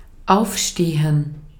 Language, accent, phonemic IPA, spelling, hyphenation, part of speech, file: German, Austria, /ˈʔaufˌʃteːən/, aufstehen, auf‧ste‧hen, verb, De-at-aufstehen.ogg
- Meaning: 1. to get up (move from a sitting or lying position to a standing position; to get up from bed) 2. to rise up, to rebel 3. to rest (on something) 4. to be open (to not be closed or shut)